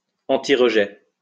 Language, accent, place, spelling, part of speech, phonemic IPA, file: French, France, Lyon, antirejet, adjective, /ɑ̃.ti.ʁə.ʒɛ/, LL-Q150 (fra)-antirejet.wav
- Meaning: antirejection